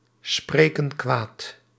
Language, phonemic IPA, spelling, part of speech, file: Dutch, /ˈsprekə(n) ˈkwat/, spreken kwaad, verb, Nl-spreken kwaad.ogg
- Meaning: inflection of kwaadspreken: 1. plural present indicative 2. plural present subjunctive